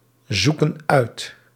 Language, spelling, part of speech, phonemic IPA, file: Dutch, zoeken uit, verb, /ˈzukə(n) ˈœyt/, Nl-zoeken uit.ogg
- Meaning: inflection of uitzoeken: 1. plural present indicative 2. plural present subjunctive